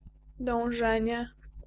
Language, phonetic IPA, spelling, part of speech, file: Polish, [dɔ̃w̃ˈʒɛ̃ɲɛ], dążenie, noun, Pl-dążenie.ogg